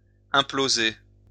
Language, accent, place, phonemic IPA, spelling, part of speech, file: French, France, Lyon, /ɛ̃.plo.ze/, imploser, verb, LL-Q150 (fra)-imploser.wav
- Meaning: to implode